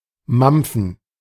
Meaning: to munch
- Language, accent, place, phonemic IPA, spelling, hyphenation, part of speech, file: German, Germany, Berlin, /ˈmampfn̩/, mampfen, mamp‧fen, verb, De-mampfen.ogg